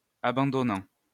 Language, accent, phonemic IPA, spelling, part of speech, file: French, France, /a.bɑ̃.dɔ.nɑ̃/, abandonnant, verb, LL-Q150 (fra)-abandonnant.wav
- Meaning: present participle of abandonner